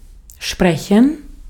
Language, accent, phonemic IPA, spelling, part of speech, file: German, Austria, /ˈʃprɛçən/, sprechen, verb, De-at-sprechen.ogg
- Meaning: 1. to speak (some language, the truth, etc.) 2. to speak, to talk, to give a speech 3. to say, to speak (a word, phrase, sentence, prayer, etc.) 4. to have a pronunciation; to be pronounced (some way)